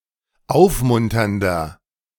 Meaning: 1. comparative degree of aufmunternd 2. inflection of aufmunternd: strong/mixed nominative masculine singular 3. inflection of aufmunternd: strong genitive/dative feminine singular
- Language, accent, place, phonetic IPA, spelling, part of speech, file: German, Germany, Berlin, [ˈaʊ̯fˌmʊntɐndɐ], aufmunternder, adjective, De-aufmunternder.ogg